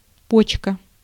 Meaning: 1. kidney 2. bud
- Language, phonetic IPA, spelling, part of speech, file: Russian, [ˈpot͡ɕkə], почка, noun, Ru-почка.ogg